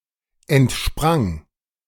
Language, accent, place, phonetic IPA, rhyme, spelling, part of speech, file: German, Germany, Berlin, [ɛntˈʃpʁaŋ], -aŋ, entsprang, verb, De-entsprang.ogg
- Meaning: first/third-person singular preterite of entspringen